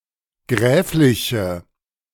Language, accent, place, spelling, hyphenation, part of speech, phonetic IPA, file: German, Germany, Berlin, gräfliche, gräf‧li‧che, adjective, [ˈɡʁɛːflɪçə], De-gräfliche.ogg
- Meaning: inflection of gräflich: 1. strong/mixed nominative/accusative feminine singular 2. strong nominative/accusative plural 3. weak nominative all-gender singular